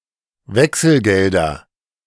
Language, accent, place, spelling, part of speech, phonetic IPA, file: German, Germany, Berlin, Wechselgelder, noun, [ˈvɛksl̩ˌɡɛldɐ], De-Wechselgelder.ogg
- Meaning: nominative/accusative/genitive plural of Wechselgeld